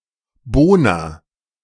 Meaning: inflection of bohnern: 1. first-person singular present 2. singular imperative
- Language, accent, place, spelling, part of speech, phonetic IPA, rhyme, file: German, Germany, Berlin, bohner, verb, [ˈboːnɐ], -oːnɐ, De-bohner.ogg